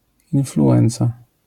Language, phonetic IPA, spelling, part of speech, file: Polish, [ˌĩnfluˈʷɛ̃nt͡sa], influenca, noun, LL-Q809 (pol)-influenca.wav